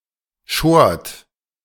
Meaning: second-person plural preterite of scheren
- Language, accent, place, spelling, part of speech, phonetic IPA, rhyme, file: German, Germany, Berlin, schort, verb, [ʃoːɐ̯t], -oːɐ̯t, De-schort.ogg